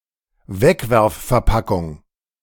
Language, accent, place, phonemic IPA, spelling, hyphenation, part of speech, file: German, Germany, Berlin, /ˈvɛkvɛʁffɛɐ̯ˌpakʊŋ/, Wegwerfverpackung, Weg‧werf‧ver‧pa‧ckung, noun, De-Wegwerfverpackung.ogg
- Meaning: disposable (food) container